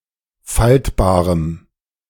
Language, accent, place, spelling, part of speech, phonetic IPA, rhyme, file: German, Germany, Berlin, faltbarem, adjective, [ˈfaltbaːʁəm], -altbaːʁəm, De-faltbarem.ogg
- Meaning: strong dative masculine/neuter singular of faltbar